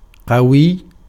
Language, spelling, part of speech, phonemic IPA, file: Arabic, قوي, adjective, /qa.wijj/, Ar-قوي.ogg
- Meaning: 1. strong, powerful, mighty 2. potent 3. intense, violent 4. firm, solid 5. sturdy, robust